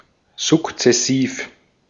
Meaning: gradual
- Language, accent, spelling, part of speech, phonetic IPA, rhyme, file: German, Austria, sukzessiv, adjective, [zʊkt͡sɛˈsiːf], -iːf, De-at-sukzessiv.ogg